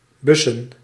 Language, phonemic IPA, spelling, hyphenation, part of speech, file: Dutch, /ˈbʏsə(n)/, bussen, bus‧sen, verb / noun, Nl-bussen.ogg
- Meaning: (verb) 1. to put into a mailbox 2. to travel by bus; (noun) plural of bus